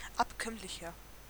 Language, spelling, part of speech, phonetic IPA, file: German, abkömmlicher, adjective, [ˈapˌkœmlɪçɐ], De-abkömmlicher.ogg
- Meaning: 1. comparative degree of abkömmlich 2. inflection of abkömmlich: strong/mixed nominative masculine singular 3. inflection of abkömmlich: strong genitive/dative feminine singular